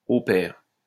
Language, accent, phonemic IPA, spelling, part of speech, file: French, France, /o pɛʁ/, au pair, adjective, LL-Q150 (fra)-au pair.wav
- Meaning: working for food and housing